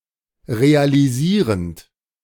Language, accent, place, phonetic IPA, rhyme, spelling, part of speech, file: German, Germany, Berlin, [ʁealiˈziːʁənt], -iːʁənt, realisierend, verb, De-realisierend.ogg
- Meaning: present participle of realisieren